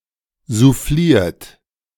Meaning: 1. past participle of soufflieren 2. inflection of soufflieren: third-person singular present 3. inflection of soufflieren: second-person plural present 4. inflection of soufflieren: plural imperative
- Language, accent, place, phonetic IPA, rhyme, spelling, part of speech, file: German, Germany, Berlin, [zuˈfliːɐ̯t], -iːɐ̯t, souffliert, verb, De-souffliert.ogg